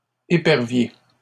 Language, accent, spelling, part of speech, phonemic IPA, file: French, Canada, éperviers, noun, /e.pɛʁ.vje/, LL-Q150 (fra)-éperviers.wav
- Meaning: plural of épervier